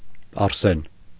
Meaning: arsenic
- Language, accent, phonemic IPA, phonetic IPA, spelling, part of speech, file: Armenian, Eastern Armenian, /ɑɾˈsen/, [ɑɾsén], արսեն, noun, Hy-արսեն.ogg